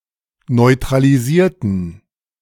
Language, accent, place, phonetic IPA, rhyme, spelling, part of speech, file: German, Germany, Berlin, [nɔɪ̯tʁaliˈziːɐ̯tn̩], -iːɐ̯tn̩, neutralisierten, adjective / verb, De-neutralisierten.ogg
- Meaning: inflection of neutralisieren: 1. first/third-person plural preterite 2. first/third-person plural subjunctive II